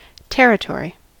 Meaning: A large extent or tract of land; for example a region, country or district
- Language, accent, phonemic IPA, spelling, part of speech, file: English, US, /ˈtɛɹɪˌtɔɹi/, territory, noun, En-us-territory.ogg